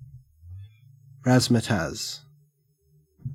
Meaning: 1. Ambiguous or meaningless language 2. Empty and tiresome speculation 3. Something presenting itself in a fanciful and showy, often unrealistic manner, especially when intended to impress and confuse
- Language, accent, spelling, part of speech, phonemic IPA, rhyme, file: English, Australia, razzmatazz, noun, /ˈɹæz.mə.tæz/, -æz, En-au-razzmatazz.ogg